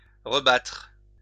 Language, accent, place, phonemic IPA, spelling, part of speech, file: French, France, Lyon, /ʁə.batʁ/, rebattre, verb, LL-Q150 (fra)-rebattre.wav
- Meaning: 1. to beat again, defeat again 2. to beat up again 3. to fight again 4. to whisk or whip eggs 5. to reshuffle